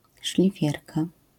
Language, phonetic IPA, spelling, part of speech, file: Polish, [ʃlʲiˈfʲjɛrka], szlifierka, noun, LL-Q809 (pol)-szlifierka.wav